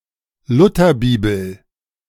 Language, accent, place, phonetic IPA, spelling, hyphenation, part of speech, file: German, Germany, Berlin, [ˈlʊtɐˌbiːbl̩], Lutherbibel, Lu‧ther‧bi‧bel, noun, De-Lutherbibel.ogg
- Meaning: A translation, published in 1534, of the Bible from the original Hebrew (Old Testament) and Greek (New Testament) by Martin Luther